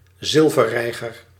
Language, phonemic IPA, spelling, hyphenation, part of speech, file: Dutch, /ˈzɪl.və(r)ˌrɛi̯.ɣər/, zilverreiger, zil‧ver‧rei‧ger, noun, Nl-zilverreiger.ogg
- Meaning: one of certain herons of the genera Ardea and Egretta that have white plumage; roughly corresponding to egret but used more narrowly